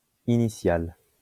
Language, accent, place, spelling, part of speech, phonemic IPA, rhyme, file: French, France, Lyon, initial, adjective, /i.ni.sjal/, -al, LL-Q150 (fra)-initial.wav
- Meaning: initial